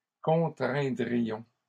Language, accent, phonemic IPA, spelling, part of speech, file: French, Canada, /kɔ̃.tʁɛ̃.dʁi.jɔ̃/, contraindrions, verb, LL-Q150 (fra)-contraindrions.wav
- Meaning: first-person plural conditional of contraindre